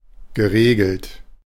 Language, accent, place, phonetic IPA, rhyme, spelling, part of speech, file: German, Germany, Berlin, [ɡəˈʁeːɡl̩t], -eːɡl̩t, geregelt, adjective / verb, De-geregelt.ogg
- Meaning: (verb) past participle of regeln; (adjective) regulated